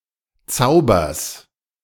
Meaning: genitive singular of Zauber
- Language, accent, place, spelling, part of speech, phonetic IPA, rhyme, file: German, Germany, Berlin, Zaubers, noun, [ˈt͡saʊ̯bɐs], -aʊ̯bɐs, De-Zaubers.ogg